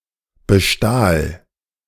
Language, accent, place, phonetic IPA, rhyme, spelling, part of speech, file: German, Germany, Berlin, [bəˈʃtaːl], -aːl, bestahl, verb, De-bestahl.ogg
- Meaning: first/third-person singular preterite of bestehlen